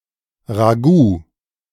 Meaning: ragout
- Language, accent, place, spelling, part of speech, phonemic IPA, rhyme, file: German, Germany, Berlin, Ragout, noun, /ʁaˈɡuː/, -uː, De-Ragout.ogg